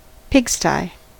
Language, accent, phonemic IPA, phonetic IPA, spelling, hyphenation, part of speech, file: English, US, /ˈpɪɡˌstaɪ̯/, [ˈpʰɪɡˌstaɪ̯], pigsty, pig‧sty, noun, En-us-pigsty.ogg
- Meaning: 1. An enclosure where pigs are kept, either a building or part of one 2. A dirty or very untidy place